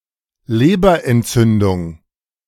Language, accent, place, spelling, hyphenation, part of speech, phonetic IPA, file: German, Germany, Berlin, Leberentzündung, Le‧ber‧ent‧zün‧dung, noun, [ˈleːbɐʔɛntˌt͡sʏndʊŋ], De-Leberentzündung.ogg
- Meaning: hepatitis